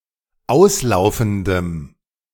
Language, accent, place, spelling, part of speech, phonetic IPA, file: German, Germany, Berlin, auslaufendem, adjective, [ˈaʊ̯sˌlaʊ̯fn̩dəm], De-auslaufendem.ogg
- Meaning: strong dative masculine/neuter singular of auslaufend